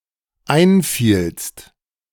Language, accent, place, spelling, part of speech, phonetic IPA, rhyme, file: German, Germany, Berlin, einfielst, verb, [ˈaɪ̯nˌfiːlst], -aɪ̯nfiːlst, De-einfielst.ogg
- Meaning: second-person singular dependent preterite of einfallen